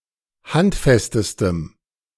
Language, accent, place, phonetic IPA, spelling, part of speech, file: German, Germany, Berlin, [ˈhantˌfɛstəstəm], handfestestem, adjective, De-handfestestem.ogg
- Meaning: strong dative masculine/neuter singular superlative degree of handfest